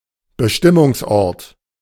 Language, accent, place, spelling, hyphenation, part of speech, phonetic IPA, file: German, Germany, Berlin, Bestimmungsort, Be‧stim‧mungs‧ort, noun, [bəˈʃtɪmʊŋsˌʔɔʁt], De-Bestimmungsort.ogg
- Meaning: destination